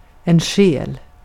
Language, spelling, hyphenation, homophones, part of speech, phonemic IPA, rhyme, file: Swedish, själ, själ, stjäl / skäl, noun, /ɧɛːl/, -ɛːl, Sv-själ.ogg
- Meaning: 1. soul 2. obsolete form of säl